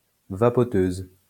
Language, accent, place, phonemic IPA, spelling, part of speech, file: French, France, Lyon, /va.pɔ.tøz/, vapoteuse, noun, LL-Q150 (fra)-vapoteuse.wav
- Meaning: 1. female equivalent of vapoteur 2. vape pen